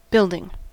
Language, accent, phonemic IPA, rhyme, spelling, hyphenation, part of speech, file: English, US, /ˈbɪl.dɪŋ/, -ɪldɪŋ, building, build‧ing, noun / verb, En-us-building.ogg
- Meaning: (noun) 1. The act or process by which something is built; construction 2. A closed structure with walls and a roof 3. Synonym of Tits building; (verb) present participle and gerund of build